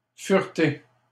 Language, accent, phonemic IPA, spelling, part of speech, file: French, Canada, /fyʁ.te/, fureter, verb, LL-Q150 (fra)-fureter.wav
- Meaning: 1. to ferret (around, about); to rummage 2. to browse (a website)